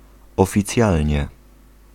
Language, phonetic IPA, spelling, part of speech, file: Polish, [ˌɔfʲiˈt͡sʲjalʲɲɛ], oficjalnie, adverb, Pl-oficjalnie.ogg